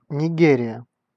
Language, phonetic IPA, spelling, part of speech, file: Russian, [nʲɪˈɡʲerʲɪjə], Нигерия, proper noun, Ru-Нигерия.ogg
- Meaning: Nigeria (a country in West Africa, south of the country of Niger)